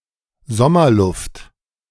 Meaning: summer air
- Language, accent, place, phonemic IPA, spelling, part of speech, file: German, Germany, Berlin, /ˈzɔmɐˌlʊft/, Sommerluft, noun, De-Sommerluft.ogg